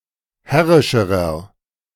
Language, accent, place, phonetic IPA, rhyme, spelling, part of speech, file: German, Germany, Berlin, [ˈhɛʁɪʃəʁɐ], -ɛʁɪʃəʁɐ, herrischerer, adjective, De-herrischerer.ogg
- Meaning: inflection of herrisch: 1. strong/mixed nominative masculine singular comparative degree 2. strong genitive/dative feminine singular comparative degree 3. strong genitive plural comparative degree